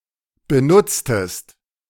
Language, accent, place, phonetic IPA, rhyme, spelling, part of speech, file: German, Germany, Berlin, [bəˈnʊt͡stəst], -ʊt͡stəst, benutztest, verb, De-benutztest.ogg
- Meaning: inflection of benutzen: 1. second-person singular preterite 2. second-person singular subjunctive II